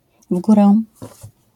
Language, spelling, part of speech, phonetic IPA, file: Polish, w górę, adverbial phrase, [ˈv‿ɡurɛ], LL-Q809 (pol)-w górę.wav